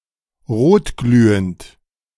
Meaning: red-hot
- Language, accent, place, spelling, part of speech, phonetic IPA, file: German, Germany, Berlin, rotglühend, adjective, [ˈʁoːtˌɡlyːənt], De-rotglühend.ogg